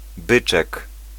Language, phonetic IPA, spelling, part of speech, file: Polish, [ˈbɨt͡ʃɛk], byczek, noun, Pl-byczek.ogg